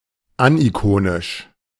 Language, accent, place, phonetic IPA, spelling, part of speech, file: German, Germany, Berlin, [ˈanʔiˌkoːnɪʃ], anikonisch, adjective, De-anikonisch.ogg
- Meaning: aniconic